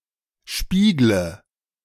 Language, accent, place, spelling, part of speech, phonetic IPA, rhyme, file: German, Germany, Berlin, spiegle, verb, [ˈʃpiːɡlə], -iːɡlə, De-spiegle.ogg
- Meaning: inflection of spiegeln: 1. first-person singular present 2. first/third-person singular subjunctive I 3. singular imperative